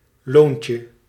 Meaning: diminutive of loon
- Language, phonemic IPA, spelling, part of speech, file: Dutch, /ˈloncə/, loontje, noun, Nl-loontje.ogg